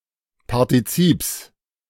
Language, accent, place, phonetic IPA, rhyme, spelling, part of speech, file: German, Germany, Berlin, [paʁtiˈt͡siːps], -iːps, Partizips, noun, De-Partizips.ogg
- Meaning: genitive singular of Partizip